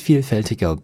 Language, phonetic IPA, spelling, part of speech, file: German, [ˈfiːlˌfɛltɪɡɐ], vielfältiger, adjective, De-vielfältiger.ogg
- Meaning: 1. comparative degree of vielfältig 2. inflection of vielfältig: strong/mixed nominative masculine singular 3. inflection of vielfältig: strong genitive/dative feminine singular